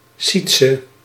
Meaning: a male given name from West Frisian of West Frisian origin
- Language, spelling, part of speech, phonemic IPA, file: Dutch, Sietse, proper noun, /ˈsit.sə/, Nl-Sietse.ogg